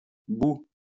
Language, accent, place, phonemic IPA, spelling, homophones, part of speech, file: French, France, Lyon, /bu/, bou, boue, noun, LL-Q150 (fra)-bou.wav
- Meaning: bohea (type of Chinese tea from Fujian)